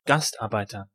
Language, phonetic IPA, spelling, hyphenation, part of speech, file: German, [ˈɡastʔaʁˌbaɪ̯tɐ], Gastarbeiter, Gast‧ar‧bei‧ter, noun, De-Gastarbeiter.ogg
- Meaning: guest worker, migrant worker, foreign worker (male or of unspecified gender)